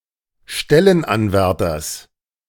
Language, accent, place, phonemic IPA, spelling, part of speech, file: German, Germany, Berlin, /ˈʃtɛlənbəˌvɛʁbɐ/, Stellenbewerber, noun, De-Stellenbewerber.ogg
- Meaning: applicant (for a job or employment), jobseeker, job candidate